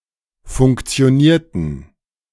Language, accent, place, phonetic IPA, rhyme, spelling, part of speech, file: German, Germany, Berlin, [fʊŋkt͡si̯oˈniːɐ̯tn̩], -iːɐ̯tn̩, funktionierten, verb, De-funktionierten.ogg
- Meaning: inflection of funktionieren: 1. first/third-person plural preterite 2. first/third-person plural subjunctive II